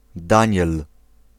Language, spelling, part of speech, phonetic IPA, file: Polish, Daniel, proper noun, [ˈdãɲɛl], Pl-Daniel.ogg